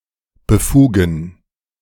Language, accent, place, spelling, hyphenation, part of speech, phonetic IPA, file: German, Germany, Berlin, befugen, be‧fu‧gen, verb, [bəˈfuːɡn̩], De-befugen.ogg
- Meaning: to authorize